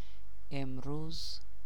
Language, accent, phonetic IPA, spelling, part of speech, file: Persian, Iran, [ʔem.ɹúːz], امروز, adverb, Fa-امروز.ogg
- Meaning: today